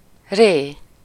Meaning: re, a syllable used in solfège to represent the second note of a major scale
- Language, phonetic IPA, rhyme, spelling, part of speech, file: Hungarian, [ˈreː], -reː, ré, noun, Hu-ré.ogg